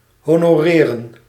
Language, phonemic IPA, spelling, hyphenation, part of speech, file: Dutch, /ˌɦoː.noːˈreː.rə(n)/, honoreren, ho‧no‧re‧ren, verb, Nl-honoreren.ogg
- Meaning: 1. to pay 2. to recognize, to acknowledge 3. to honour, to respect